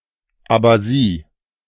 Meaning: abasia (incapacity to walk)
- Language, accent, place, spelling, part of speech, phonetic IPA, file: German, Germany, Berlin, Abasie, noun, [abaˈziː], De-Abasie.ogg